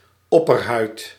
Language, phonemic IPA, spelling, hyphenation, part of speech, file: Dutch, /ˈɔ.pərˌɦœy̯t/, opperhuid, op‧per‧huid, noun, Nl-opperhuid.ogg
- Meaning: epidermis